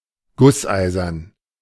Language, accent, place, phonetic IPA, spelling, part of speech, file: German, Germany, Berlin, [ˈɡʊsˌʔaɪ̯zɐn], gusseisern, adjective, De-gusseisern.ogg
- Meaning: cast-iron